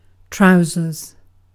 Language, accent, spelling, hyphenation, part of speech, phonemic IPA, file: English, Received Pronunciation, trousers, trou‧sers, noun, /ˈtɹaʊzəz/, En-uk-trousers.ogg
- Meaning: An article of clothing that covers the part of the body between the waist and the ankles or knees, and is divided into a separate part for each leg